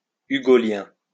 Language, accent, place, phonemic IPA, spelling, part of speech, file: French, France, Lyon, /y.ɡɔ.ljɛ̃/, hugolien, adjective, LL-Q150 (fra)-hugolien.wav
- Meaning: Hugolian